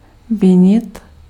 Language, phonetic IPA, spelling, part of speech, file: Czech, [ˈvɪɲɪt], vinit, verb, Cs-vinit.ogg
- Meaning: 1. to accuse 2. to blame